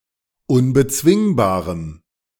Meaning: strong dative masculine/neuter singular of unbezwingbar
- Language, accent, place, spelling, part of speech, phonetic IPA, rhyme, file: German, Germany, Berlin, unbezwingbarem, adjective, [ʊnbəˈt͡svɪŋbaːʁəm], -ɪŋbaːʁəm, De-unbezwingbarem.ogg